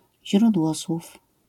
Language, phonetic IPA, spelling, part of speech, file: Polish, [ʑrudˈwɔswuf], źródłosłów, noun, LL-Q809 (pol)-źródłosłów.wav